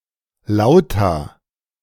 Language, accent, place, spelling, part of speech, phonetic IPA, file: German, Germany, Berlin, Lauta, proper noun, [ˈlaʊ̯ta], De-Lauta.ogg
- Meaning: a town in Saxony, Germany